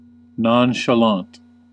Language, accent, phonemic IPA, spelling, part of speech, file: English, US, /ˌnɑn.ʃəˈlɑnt/, nonchalant, adjective, En-us-nonchalant.ogg
- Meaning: 1. Casually calm and relaxed 2. Indifferent; unconcerned; behaving as if detached